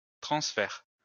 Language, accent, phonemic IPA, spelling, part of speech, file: French, France, /tʁɑ̃s.fɛʁ/, transfert, noun, LL-Q150 (fra)-transfert.wav
- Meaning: 1. transfer 2. transference